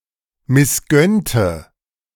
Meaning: inflection of missgönnen: 1. first/third-person singular preterite 2. first/third-person singular subjunctive II
- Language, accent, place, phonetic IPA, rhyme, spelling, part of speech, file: German, Germany, Berlin, [mɪsˈɡœntə], -œntə, missgönnte, adjective / verb, De-missgönnte.ogg